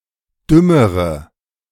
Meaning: inflection of dumm: 1. strong/mixed nominative/accusative feminine singular comparative degree 2. strong nominative/accusative plural comparative degree
- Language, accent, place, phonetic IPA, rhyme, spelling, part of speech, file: German, Germany, Berlin, [ˈdʏməʁə], -ʏməʁə, dümmere, adjective, De-dümmere.ogg